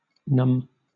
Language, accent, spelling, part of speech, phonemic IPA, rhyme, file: English, Southern England, numb, adjective / verb, /nʌm/, -ʌm, LL-Q1860 (eng)-numb.wav
- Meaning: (adjective) 1. Physically unable to feel, not having the power of sensation 2. Emotionally unable to feel or respond in a normal way 3. Dumb or stupid 4. Causing numbness